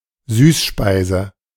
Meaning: sweet food (especially but not necessarily served as dessert)
- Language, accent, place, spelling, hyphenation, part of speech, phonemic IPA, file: German, Germany, Berlin, Süßspeise, Süß‧spei‧se, noun, /ˈzyːsˌʃpaɪ̯zə/, De-Süßspeise.ogg